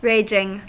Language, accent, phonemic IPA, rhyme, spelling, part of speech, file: English, US, /ˈɹeɪd͡ʒɪŋ/, -eɪd͡ʒɪŋ, raging, verb / adjective / noun, En-us-raging.ogg
- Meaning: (verb) present participle and gerund of rage; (adjective) 1. Volatile, very active or unpredictable 2. In a state of rage; in a state of extreme, often uncontrollable, anger 3. Extreme; intense